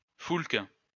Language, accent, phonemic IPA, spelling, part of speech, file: French, France, /fulk/, foulque, noun, LL-Q150 (fra)-foulque.wav
- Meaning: coot (bird)